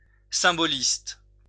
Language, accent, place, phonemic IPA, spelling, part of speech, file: French, France, Lyon, /sɛ̃.bɔ.list/, symboliste, adjective / noun, LL-Q150 (fra)-symboliste.wav
- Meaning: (adjective) symbolist